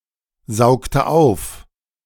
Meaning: inflection of aufsaugen: 1. first/third-person singular preterite 2. first/third-person singular subjunctive II
- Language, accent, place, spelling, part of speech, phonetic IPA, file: German, Germany, Berlin, saugte auf, verb, [ˌzaʊ̯ktə ˈaʊ̯f], De-saugte auf.ogg